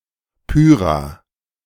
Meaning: a municipality of Lower Austria, Austria
- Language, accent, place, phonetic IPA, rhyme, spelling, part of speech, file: German, Germany, Berlin, [ˈpyːʁa], -yːʁa, Pyhra, proper noun, De-Pyhra.ogg